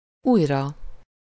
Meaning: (adverb) again (having already happened before); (adjective) sublative singular of új
- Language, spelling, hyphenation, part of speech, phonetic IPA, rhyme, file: Hungarian, újra, új‧ra, adverb / adjective, [ˈuːjrɒ], -rɒ, Hu-újra.ogg